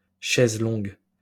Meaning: chaise longue (reclining chair with a long seat)
- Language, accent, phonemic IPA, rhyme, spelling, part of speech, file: French, France, /ʃɛz lɔ̃ɡ/, -ɔ̃ɡ, chaise longue, noun, LL-Q150 (fra)-chaise longue.wav